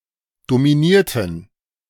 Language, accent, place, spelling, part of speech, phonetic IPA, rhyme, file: German, Germany, Berlin, dominierten, adjective / verb, [domiˈniːɐ̯tn̩], -iːɐ̯tn̩, De-dominierten.ogg
- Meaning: inflection of dominieren: 1. first/third-person plural preterite 2. first/third-person plural subjunctive II